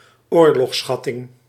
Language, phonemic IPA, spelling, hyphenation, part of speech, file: Dutch, /ˈoːr.lɔxˌsxɑ.tɪŋ/, oorlogsschatting, oor‧logs‧schat‧ting, noun, Nl-oorlogsschatting.ogg
- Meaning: a tribute or reparations imposed on the loser of a war or battle